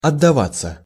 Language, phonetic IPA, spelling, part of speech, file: Russian, [ɐdːɐˈvat͡sːə], отдаваться, verb, Ru-отдаваться.ogg
- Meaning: 1. to give oneself up (to) 2. to surrender oneself (to), to give oneself up (to) 3. to yield (to), to put out (to) (have sex) 4. to resound, to reverberate, to ring 5. to make